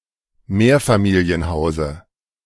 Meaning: dative of Mehrfamilienhaus
- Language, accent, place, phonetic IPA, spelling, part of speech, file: German, Germany, Berlin, [ˈmeːɐ̯famiːli̯ənˌhaʊ̯zə], Mehrfamilienhause, noun, De-Mehrfamilienhause.ogg